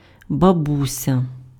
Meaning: grandmother (mother of someone’s parent)
- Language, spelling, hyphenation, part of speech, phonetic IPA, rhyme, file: Ukrainian, бабуся, ба‧бу‧ся, noun, [bɐˈbusʲɐ], -usʲɐ, Uk-бабуся.ogg